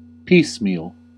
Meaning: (adjective) Made or done in pieces or one stage at a time; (adverb) 1. Piece by piece; in small amounts, stages, or degrees 2. Into pieces or parts; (verb) To divide or distribute piecemeal; dismember
- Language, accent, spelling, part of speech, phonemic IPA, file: English, US, piecemeal, adjective / adverb / verb / noun, /ˈpiːs.miːl/, En-us-piecemeal.ogg